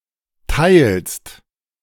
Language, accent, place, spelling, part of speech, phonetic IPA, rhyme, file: German, Germany, Berlin, teilst, verb, [taɪ̯lst], -aɪ̯lst, De-teilst.ogg
- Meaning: second-person singular present of teilen